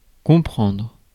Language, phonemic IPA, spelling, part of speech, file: French, /kɔ̃.pʁɑ̃dʁ/, comprendre, verb, Fr-comprendre.ogg
- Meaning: 1. to understand, comprehend 2. to comprise, include 3. to know each other (well); to get on well, to get along well 4. to be comprehensible or conceivable